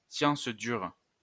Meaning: hard science, exact science, formal science
- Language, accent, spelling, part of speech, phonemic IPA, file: French, France, science dure, noun, /sjɑ̃s dyʁ/, LL-Q150 (fra)-science dure.wav